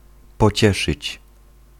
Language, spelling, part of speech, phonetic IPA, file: Polish, pocieszyć, verb, [pɔˈt͡ɕɛʃɨt͡ɕ], Pl-pocieszyć.ogg